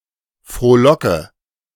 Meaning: inflection of frohlocken: 1. first-person singular present 2. first/third-person singular subjunctive I 3. singular imperative
- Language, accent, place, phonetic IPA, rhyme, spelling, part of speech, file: German, Germany, Berlin, [fʁoːˈlɔkə], -ɔkə, frohlocke, verb, De-frohlocke.ogg